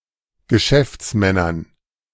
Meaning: dative plural of Geschäftsmann
- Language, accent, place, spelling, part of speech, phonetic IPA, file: German, Germany, Berlin, Geschäftsmännern, noun, [ɡəˈʃɛft͡sˌmɛnɐn], De-Geschäftsmännern.ogg